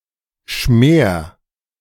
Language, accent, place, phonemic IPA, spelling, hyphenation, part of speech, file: German, Germany, Berlin, /ʃmeːr/, Schmer, Schmer, noun, De-Schmer.ogg
- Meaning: fat or lard, usually of a pig